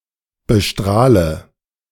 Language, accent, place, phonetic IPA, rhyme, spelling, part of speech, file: German, Germany, Berlin, [bəˈʃtʁaːlə], -aːlə, bestrahle, verb, De-bestrahle.ogg
- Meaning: inflection of bestrahlen: 1. first-person singular present 2. first/third-person singular subjunctive I 3. singular imperative